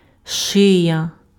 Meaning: 1. neck 2. cervix
- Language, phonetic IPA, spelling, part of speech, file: Ukrainian, [ˈʃɪjɐ], шия, noun, Uk-шия.ogg